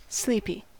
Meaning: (adjective) 1. Tired; feeling the need for sleep 2. Suggesting tiredness 3. Tending to induce sleep 4. Dull; lazy 5. Quiet; without bustle or activity
- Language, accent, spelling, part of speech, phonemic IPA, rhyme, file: English, US, sleepy, adjective / noun / verb, /ˈsliːpi/, -iːpi, En-us-sleepy.ogg